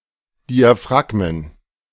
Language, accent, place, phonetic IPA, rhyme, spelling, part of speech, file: German, Germany, Berlin, [ˌdiaˈfʁaɡmən], -aɡmən, Diaphragmen, noun, De-Diaphragmen.ogg
- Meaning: plural of Diaphragma